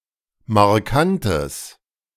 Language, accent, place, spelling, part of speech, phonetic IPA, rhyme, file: German, Germany, Berlin, markantes, adjective, [maʁˈkantəs], -antəs, De-markantes.ogg
- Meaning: strong/mixed nominative/accusative neuter singular of markant